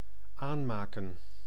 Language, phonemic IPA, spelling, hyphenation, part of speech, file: Dutch, /ˈaː(n)ˌmaːkə(n)/, aanmaken, aan‧ma‧ken, verb, Nl-aanmaken.ogg
- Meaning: 1. to produce on a large scale, to manufacture (often to have things in stock) 2. to prepare, to ready 3. to burn, to light (a fire) 4. to create 5. to affix, to connect, to merge together